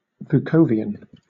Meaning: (adjective) Of or pertaining to the ideas of Serbian philologist and linguist Vuk Karadžić (1787–1864) concerning the standardization of the Serbo-Croatian language
- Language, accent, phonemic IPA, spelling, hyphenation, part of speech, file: English, Southern England, /vʊˈkəʊ.vi.ən/, Vukovian, Vu‧kov‧i‧an, adjective / noun, LL-Q1860 (eng)-Vukovian.wav